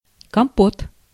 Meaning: 1. kompot (a sweet beverage made from boiled fruits or berries) 2. compote (a dessert made from fruit cooked in syrup) 3. hodgepodge, mishmash (a mixture of miscellaneous, often incompatible things)
- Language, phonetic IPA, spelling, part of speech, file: Russian, [kɐmˈpot], компот, noun, Ru-компот.ogg